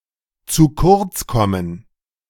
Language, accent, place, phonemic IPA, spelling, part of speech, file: German, Germany, Berlin, /t͡suː kʊʁt͡s ˈkɔmən/, zu kurz kommen, verb, De-zu kurz kommen.ogg
- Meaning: to be neglected, to fall short